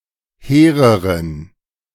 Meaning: inflection of hehr: 1. strong genitive masculine/neuter singular comparative degree 2. weak/mixed genitive/dative all-gender singular comparative degree
- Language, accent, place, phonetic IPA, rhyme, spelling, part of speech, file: German, Germany, Berlin, [ˈheːʁəʁən], -eːʁəʁən, hehreren, adjective, De-hehreren.ogg